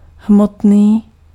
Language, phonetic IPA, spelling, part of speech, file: Czech, [ˈɦmotniː], hmotný, adjective, Cs-hmotný.ogg
- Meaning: 1. material 2. material (worldly, as opposed to spiritual)